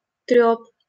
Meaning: babble, chatter (idle talk)
- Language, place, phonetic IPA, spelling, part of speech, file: Russian, Saint Petersburg, [trʲɵp], трёп, noun, LL-Q7737 (rus)-трёп.wav